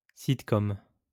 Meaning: sitcom
- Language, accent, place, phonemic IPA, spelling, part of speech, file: French, France, Lyon, /sit.kɔm/, sitcom, noun, LL-Q150 (fra)-sitcom.wav